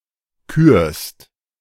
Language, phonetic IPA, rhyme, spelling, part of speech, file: German, [kyːɐ̯st], -yːɐ̯st, kürst, verb, De-kürst.oga
- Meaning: second-person singular present of küren